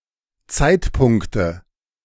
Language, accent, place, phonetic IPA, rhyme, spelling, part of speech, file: German, Germany, Berlin, [ˈt͡saɪ̯tˌpʊŋktə], -aɪ̯tpʊŋktə, Zeitpunkte, noun, De-Zeitpunkte.ogg
- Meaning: nominative/accusative/genitive plural of Zeitpunkt